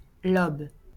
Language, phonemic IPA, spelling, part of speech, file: French, /lɔb/, lobe, noun / verb, LL-Q150 (fra)-lobe.wav
- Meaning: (noun) lobe (of an organ); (verb) inflection of lober: 1. first/third-person singular present indicative/subjunctive 2. second-person singular imperative